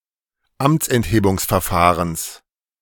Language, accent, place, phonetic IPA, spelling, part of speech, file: German, Germany, Berlin, [ˈamt͡sʔɛntheːbʊŋsfɛɐ̯ˌfaːʁəns], Amtsenthebungsverfahrens, noun, De-Amtsenthebungsverfahrens.ogg
- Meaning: genitive singular of Amtsenthebungsverfahren